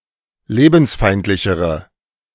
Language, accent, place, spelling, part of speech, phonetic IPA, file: German, Germany, Berlin, lebensfeindlichere, adjective, [ˈleːbn̩sˌfaɪ̯ntlɪçəʁə], De-lebensfeindlichere.ogg
- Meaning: inflection of lebensfeindlich: 1. strong/mixed nominative/accusative feminine singular comparative degree 2. strong nominative/accusative plural comparative degree